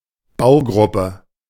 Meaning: assembly, subassembly, component, module
- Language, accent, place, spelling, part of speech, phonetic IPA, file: German, Germany, Berlin, Baugruppe, noun, [ˈbaʊ̯ˌɡʁʊpə], De-Baugruppe.ogg